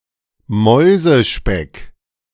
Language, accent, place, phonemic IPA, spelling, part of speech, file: German, Germany, Berlin, /ˈmɔʏ̯zəˌʃpɛk/, Mäusespeck, noun, De-Mäusespeck.ogg
- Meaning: marshmallow (confectionery)